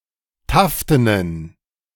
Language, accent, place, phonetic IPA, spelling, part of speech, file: German, Germany, Berlin, [ˈtaftənən], taftenen, adjective, De-taftenen.ogg
- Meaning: inflection of taften: 1. strong genitive masculine/neuter singular 2. weak/mixed genitive/dative all-gender singular 3. strong/weak/mixed accusative masculine singular 4. strong dative plural